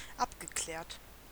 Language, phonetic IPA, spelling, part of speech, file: German, [ˈapɡəˌklɛːɐ̯t], abgeklärt, adjective / verb, De-abgeklärt.ogg
- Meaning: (verb) past participle of abklären; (adjective) 1. prudent 2. clarified 3. mellow